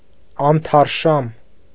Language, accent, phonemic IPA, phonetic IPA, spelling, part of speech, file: Armenian, Eastern Armenian, /ɑntʰɑɾˈʃɑm/, [ɑntʰɑɾʃɑ́m], անթարշամ, adjective, Hy-անթարշամ.ogg
- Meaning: 1. unfading, undying, imperishable 2. fresh, bright, brilliant 3. perennial, eternal, everlasting